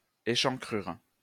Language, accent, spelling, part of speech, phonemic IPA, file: French, France, échancrure, noun, /e.ʃɑ̃.kʁyʁ/, LL-Q150 (fra)-échancrure.wav
- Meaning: 1. indentation 2. low neckline (or similar revealing feature) 3. slot